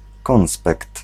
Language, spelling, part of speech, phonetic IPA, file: Polish, konspekt, noun, [ˈkɔ̃w̃spɛkt], Pl-konspekt.ogg